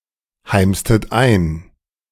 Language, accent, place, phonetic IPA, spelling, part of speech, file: German, Germany, Berlin, [ˌhaɪ̯mstət ˈaɪ̯n], heimstet ein, verb, De-heimstet ein.ogg
- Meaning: inflection of einheimsen: 1. second-person plural preterite 2. second-person plural subjunctive II